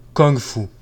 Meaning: kung fu
- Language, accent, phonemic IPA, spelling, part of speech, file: French, Quebec, /kɔŋ.fu/, kung-fu, noun, Qc-kung-fu.oga